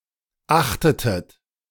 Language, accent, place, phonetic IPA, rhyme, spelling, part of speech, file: German, Germany, Berlin, [ˈaxtətət], -axtətət, achtetet, verb, De-achtetet.ogg
- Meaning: inflection of achten: 1. second-person plural preterite 2. second-person plural subjunctive II